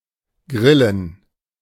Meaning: plural of Grille
- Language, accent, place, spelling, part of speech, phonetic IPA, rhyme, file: German, Germany, Berlin, Grillen, noun, [ˈɡʁɪlən], -ɪlən, De-Grillen.ogg